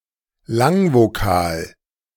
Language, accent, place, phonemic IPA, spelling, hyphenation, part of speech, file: German, Germany, Berlin, /ˈlaŋvoˌkaːl/, Langvokal, Lang‧vo‧kal, noun, De-Langvokal.ogg
- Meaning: long vowel